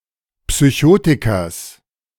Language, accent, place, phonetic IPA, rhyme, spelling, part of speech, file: German, Germany, Berlin, [psyˈçoːtɪkɐs], -oːtɪkɐs, Psychotikers, noun, De-Psychotikers.ogg
- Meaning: genitive singular of Psychotiker